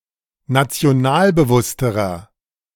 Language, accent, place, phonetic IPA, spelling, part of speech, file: German, Germany, Berlin, [nat͡si̯oˈnaːlbəˌvʊstəʁɐ], nationalbewussterer, adjective, De-nationalbewussterer.ogg
- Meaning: inflection of nationalbewusst: 1. strong/mixed nominative masculine singular comparative degree 2. strong genitive/dative feminine singular comparative degree